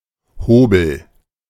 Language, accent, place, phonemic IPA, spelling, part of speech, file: German, Germany, Berlin, /ˈhoːbəl/, Hobel, noun, De-Hobel.ogg
- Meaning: anything that abrades a surface, such as – particularly – a plane, a grater or slicer, a spokeshave, a safety razor